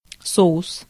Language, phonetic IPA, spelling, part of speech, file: Russian, [ˈsoʊs], соус, noun, Ru-соус.ogg
- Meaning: sauce